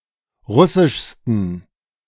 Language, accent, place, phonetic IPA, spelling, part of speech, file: German, Germany, Berlin, [ˈʁʊsɪʃstn̩], russischsten, adjective, De-russischsten.ogg
- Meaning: 1. superlative degree of russisch 2. inflection of russisch: strong genitive masculine/neuter singular superlative degree